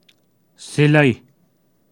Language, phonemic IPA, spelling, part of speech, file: Pashto, /siˈləi/, سيلۍ, noun, سيلۍ.ogg
- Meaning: flurry, gust, squall